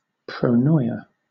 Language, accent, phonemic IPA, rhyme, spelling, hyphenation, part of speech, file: English, Southern England, /pɹəʊˈnɔɪə/, -ɔɪə, pronoia, pro‧no‧ia, noun, LL-Q1860 (eng)-pronoia.wav
- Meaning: Divine providence, foreknowledge, foresight